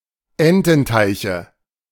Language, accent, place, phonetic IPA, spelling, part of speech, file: German, Germany, Berlin, [ˈɛntn̩ˌtaɪ̯çə], Ententeiche, noun, De-Ententeiche.ogg
- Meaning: nominative/accusative/genitive plural of Ententeich